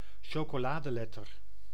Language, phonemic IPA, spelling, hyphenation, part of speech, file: Dutch, /ʃoː.koːˈlaː.dəˌlɛ.tər/, chocoladeletter, cho‧co‧la‧de‧let‧ter, noun, Nl-chocoladeletter.ogg
- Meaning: a letter of the alphabet, made of chocolate. Commonly eaten during Sinterklaas celebrations